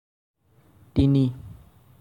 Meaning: three
- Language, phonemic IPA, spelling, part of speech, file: Assamese, /tini/, তিনি, numeral, As-তিনি.ogg